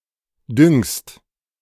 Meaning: second-person singular present of düngen
- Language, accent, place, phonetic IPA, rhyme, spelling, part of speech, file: German, Germany, Berlin, [dʏŋst], -ʏŋst, düngst, verb, De-düngst.ogg